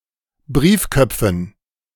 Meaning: dative plural of Briefkopf
- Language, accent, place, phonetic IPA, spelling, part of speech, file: German, Germany, Berlin, [ˈbʁiːfˌkœp͡fn̩], Briefköpfen, noun, De-Briefköpfen.ogg